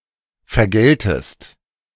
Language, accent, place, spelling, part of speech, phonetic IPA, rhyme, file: German, Germany, Berlin, vergeltest, verb, [fɛɐ̯ˈɡɛltəst], -ɛltəst, De-vergeltest.ogg
- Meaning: second-person singular subjunctive I of vergelten